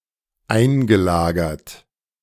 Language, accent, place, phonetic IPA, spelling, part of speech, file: German, Germany, Berlin, [ˈaɪ̯nɡəˌlaːɡɐt], eingelagert, verb, De-eingelagert.ogg
- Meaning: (verb) past participle of einlagern; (adjective) 1. stored 2. incorporated